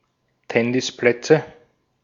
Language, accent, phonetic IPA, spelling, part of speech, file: German, Austria, [ˈtɛnɪsˌplɛt͡sə], Tennisplätze, noun, De-at-Tennisplätze.ogg
- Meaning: nominative/accusative/genitive plural of Tennisplatz